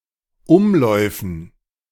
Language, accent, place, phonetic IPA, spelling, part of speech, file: German, Germany, Berlin, [ˈʊmˌlɔɪ̯fn̩], Umläufen, noun, De-Umläufen.ogg
- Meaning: dative plural of Umlauf